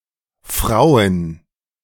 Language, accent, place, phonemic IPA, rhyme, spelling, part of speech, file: German, Germany, Berlin, /fʁaʊ̯ən/, -aʊ̯ən, Frauen, noun, De-Frauen2.ogg
- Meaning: plural of Frau (“women”)